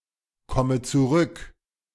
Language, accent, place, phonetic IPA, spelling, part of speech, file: German, Germany, Berlin, [ˌkɔmə t͡suˈʁʏk], komme zurück, verb, De-komme zurück.ogg
- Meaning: inflection of zurückkommen: 1. first-person singular present 2. first/third-person singular subjunctive I 3. singular imperative